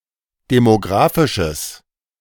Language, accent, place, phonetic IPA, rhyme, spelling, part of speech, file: German, Germany, Berlin, [demoˈɡʁaːfɪʃəs], -aːfɪʃəs, demographisches, adjective, De-demographisches.ogg
- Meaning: strong/mixed nominative/accusative neuter singular of demographisch